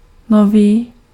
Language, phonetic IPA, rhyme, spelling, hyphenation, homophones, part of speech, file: Czech, [ˈnoviː], -oviː, nový, no‧vý, noví, adjective, Cs-nový.ogg
- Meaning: new